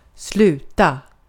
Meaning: 1. to stop (come to an end), to end (come to an end) 2. to quit (e.g. school, a job or a habit) 3. to cease doing something 4. to finish; to have as a result (from a competition)
- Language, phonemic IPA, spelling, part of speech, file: Swedish, /²slʉːta/, sluta, verb, Sv-sluta.ogg